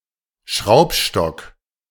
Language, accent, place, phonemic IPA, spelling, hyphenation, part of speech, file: German, Germany, Berlin, /ˈʃʁaʊ̯pˌʃtɔk/, Schraubstock, Schraub‧stock, noun, De-Schraubstock.ogg
- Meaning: vise